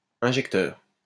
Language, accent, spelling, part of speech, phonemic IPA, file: French, France, injecteur, noun, /ɛ̃.ʒɛk.tœʁ/, LL-Q150 (fra)-injecteur.wav
- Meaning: injector